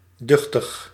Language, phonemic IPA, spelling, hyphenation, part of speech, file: Dutch, /ˈdʏx.təx/, duchtig, duch‧tig, adverb / adjective, Nl-duchtig.ogg
- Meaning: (adverb) to a high degree, considerably; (adjective) 1. considerable 2. large, sturdy 3. powerful